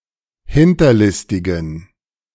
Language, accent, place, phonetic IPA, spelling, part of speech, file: German, Germany, Berlin, [ˈhɪntɐˌlɪstɪɡn̩], hinterlistigen, adjective, De-hinterlistigen.ogg
- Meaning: inflection of hinterlistig: 1. strong genitive masculine/neuter singular 2. weak/mixed genitive/dative all-gender singular 3. strong/weak/mixed accusative masculine singular 4. strong dative plural